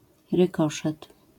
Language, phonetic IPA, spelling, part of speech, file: Polish, [rɨˈkɔʃɛt], rykoszet, noun, LL-Q809 (pol)-rykoszet.wav